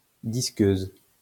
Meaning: angle grinder
- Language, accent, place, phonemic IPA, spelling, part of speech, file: French, France, Lyon, /dis.køz/, disqueuse, noun, LL-Q150 (fra)-disqueuse.wav